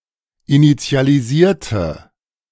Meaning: inflection of initialisieren: 1. first/third-person singular preterite 2. first/third-person singular subjunctive II
- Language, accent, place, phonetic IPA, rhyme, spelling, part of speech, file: German, Germany, Berlin, [init͡si̯aliˈziːɐ̯tə], -iːɐ̯tə, initialisierte, adjective / verb, De-initialisierte.ogg